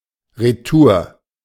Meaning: back
- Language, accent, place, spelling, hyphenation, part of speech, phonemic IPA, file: German, Germany, Berlin, retour, re‧tour, adverb, /ʁəˈtuːɐ̯/, De-retour.ogg